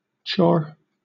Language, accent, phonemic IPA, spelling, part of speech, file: English, Southern England, /t͡ʃɔː/, chore, noun / verb, LL-Q1860 (eng)-chore.wav
- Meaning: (noun) 1. A task, especially a regularly needed task for the upkeep of a home or similar, such as housecleaning or preparing meals 2. A task that is difficult, unpleasant, or tediously routine